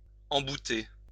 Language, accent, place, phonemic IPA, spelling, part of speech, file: French, France, Lyon, /ɑ̃.bu.te/, embouter, verb, LL-Q150 (fra)-embouter.wav
- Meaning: to put a nozzle or tip on something (see embout)